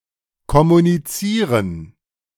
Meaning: 1. to communicate (to exchange information) 2. to communicate, to take communion
- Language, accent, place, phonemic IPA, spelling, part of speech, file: German, Germany, Berlin, /kɔmuniˈt͡siːʁən/, kommunizieren, verb, De-kommunizieren.ogg